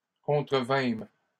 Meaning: first-person plural past historic of contrevenir
- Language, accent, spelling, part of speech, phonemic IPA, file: French, Canada, contrevînmes, verb, /kɔ̃.tʁə.vɛ̃m/, LL-Q150 (fra)-contrevînmes.wav